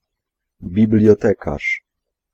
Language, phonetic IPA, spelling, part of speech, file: Polish, [ˌbʲiblʲjɔˈtɛkaʃ], bibliotekarz, noun, Pl-bibliotekarz.ogg